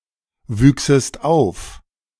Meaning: second-person singular subjunctive II of aufwachsen
- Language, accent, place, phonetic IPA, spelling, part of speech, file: German, Germany, Berlin, [ˌvyːksəst ˈaʊ̯f], wüchsest auf, verb, De-wüchsest auf.ogg